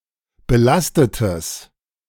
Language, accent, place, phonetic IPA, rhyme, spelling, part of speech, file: German, Germany, Berlin, [bəˈlastətəs], -astətəs, belastetes, adjective, De-belastetes.ogg
- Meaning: strong/mixed nominative/accusative neuter singular of belastet